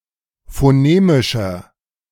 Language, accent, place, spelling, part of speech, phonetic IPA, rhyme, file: German, Germany, Berlin, phonemischer, adjective, [foˈneːmɪʃɐ], -eːmɪʃɐ, De-phonemischer.ogg
- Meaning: inflection of phonemisch: 1. strong/mixed nominative masculine singular 2. strong genitive/dative feminine singular 3. strong genitive plural